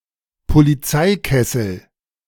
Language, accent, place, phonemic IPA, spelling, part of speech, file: German, Germany, Berlin, /poliˈt͡saɪ̯ˌkɛsl̩/, Polizeikessel, noun, De-Polizeikessel.ogg
- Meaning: kettling (police tactic to surround and contain demonstrators); the area where the crowd is contained